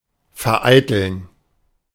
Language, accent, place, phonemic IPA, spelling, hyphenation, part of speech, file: German, Germany, Berlin, /ferˈaɪ̯təln/, vereiteln, ver‧ei‧teln, verb, De-vereiteln.ogg
- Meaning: to thwart, foil